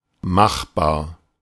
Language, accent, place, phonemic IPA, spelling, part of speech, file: German, Germany, Berlin, /ˈmaxbaːɐ̯/, machbar, adjective, De-machbar.ogg
- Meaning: practicable, feasible